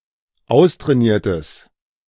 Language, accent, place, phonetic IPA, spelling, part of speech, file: German, Germany, Berlin, [ˈaʊ̯stʁɛːˌniːɐ̯təs], austrainiertes, adjective, De-austrainiertes.ogg
- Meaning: strong/mixed nominative/accusative neuter singular of austrainiert